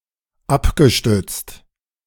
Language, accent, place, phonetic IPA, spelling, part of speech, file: German, Germany, Berlin, [ˈapɡəˌʃtʏt͡st], abgestützt, verb, De-abgestützt.ogg
- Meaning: past participle of abstützen